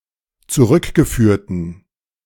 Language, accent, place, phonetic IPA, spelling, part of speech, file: German, Germany, Berlin, [t͡suˈʁʏkɡəˌfyːɐ̯tn̩], zurückgeführten, adjective, De-zurückgeführten.ogg
- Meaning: inflection of zurückgeführt: 1. strong genitive masculine/neuter singular 2. weak/mixed genitive/dative all-gender singular 3. strong/weak/mixed accusative masculine singular 4. strong dative plural